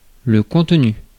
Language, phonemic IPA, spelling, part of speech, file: French, /kɔ̃t.ny/, contenu, noun / verb, Fr-contenu.ogg
- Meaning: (noun) 1. content (that which is physically contained in a container) 2. content (subject matter); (verb) past participle of contenir